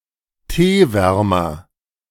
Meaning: tea cozy
- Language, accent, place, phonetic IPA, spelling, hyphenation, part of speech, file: German, Germany, Berlin, [ˈteːˌvɛʁmɐ], Teewärmer, Tee‧wär‧mer, noun, De-Teewärmer.ogg